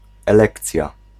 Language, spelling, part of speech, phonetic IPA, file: Polish, elekcja, noun, [ɛˈlɛkt͡sʲja], Pl-elekcja.ogg